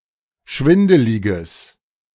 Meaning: strong/mixed nominative/accusative neuter singular of schwindelig
- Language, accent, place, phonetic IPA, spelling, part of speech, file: German, Germany, Berlin, [ˈʃvɪndəlɪɡəs], schwindeliges, adjective, De-schwindeliges.ogg